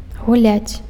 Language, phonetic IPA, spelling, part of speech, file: Belarusian, [ɣuˈlʲat͡sʲ], гуляць, verb, Be-гуляць.ogg
- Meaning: 1. to play a game, with a toy, etc 2. to walk, to go for a walk, to stroll 3. to have time-off, to have free time 4. to make merry, to enjoy oneself, to carouse